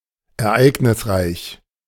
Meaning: eventful, busy
- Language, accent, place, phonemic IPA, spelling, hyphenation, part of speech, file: German, Germany, Berlin, /ɛɐ̯ˈʔaɪ̯ɡnɪsˌʁaɪ̯ç/, ereignisreich, er‧eig‧nis‧reich, adjective, De-ereignisreich.ogg